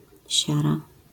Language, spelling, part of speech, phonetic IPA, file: Polish, siara, noun, [ˈɕara], LL-Q809 (pol)-siara.wav